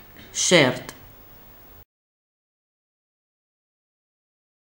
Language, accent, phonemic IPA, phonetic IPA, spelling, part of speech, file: Armenian, Eastern Armenian, /ʃeɾt/, [ʃeɾt], շերտ, noun, Hy-շերտ.ogg
- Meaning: 1. slice; stripe, strip, streak 2. layer 3. coat, coating (of paint, etc.) 4. stratum, bed